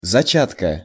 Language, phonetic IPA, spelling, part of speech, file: Russian, [zɐˈt͡ɕatkə], зачатка, noun, Ru-зачатка.ogg
- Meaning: genitive singular of зача́ток (začátok)